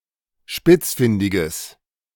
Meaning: strong/mixed nominative/accusative neuter singular of spitzfindig
- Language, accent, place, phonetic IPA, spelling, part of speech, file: German, Germany, Berlin, [ˈʃpɪt͡sˌfɪndɪɡəs], spitzfindiges, adjective, De-spitzfindiges.ogg